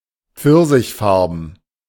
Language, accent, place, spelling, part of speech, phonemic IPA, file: German, Germany, Berlin, pfirsichfarben, adjective, /ˈpfɪʁzɪçˌfaʁbm̩/, De-pfirsichfarben.ogg
- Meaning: peach-coloured